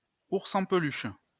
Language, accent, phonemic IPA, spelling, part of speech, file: French, France, /uʁ.s‿ɑ̃ p(ə).lyʃ/, ours en peluche, noun, LL-Q150 (fra)-ours en peluche.wav
- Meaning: teddy bear (a stuffed toy bear)